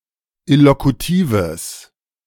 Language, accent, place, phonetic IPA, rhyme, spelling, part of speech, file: German, Germany, Berlin, [ɪlokuˈtiːvəs], -iːvəs, illokutives, adjective, De-illokutives.ogg
- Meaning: strong/mixed nominative/accusative neuter singular of illokutiv